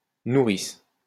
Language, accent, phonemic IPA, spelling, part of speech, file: French, France, /nu.ʁis/, nourrice, noun, LL-Q150 (fra)-nourrice.wav
- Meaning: 1. childminder, nanny 2. wet nurse 3. mule (person paid to smuggle drugs)